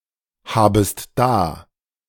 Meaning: second-person singular subjunctive I of dahaben
- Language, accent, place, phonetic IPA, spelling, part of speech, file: German, Germany, Berlin, [ˌhaːbəst ˈdaː], habest da, verb, De-habest da.ogg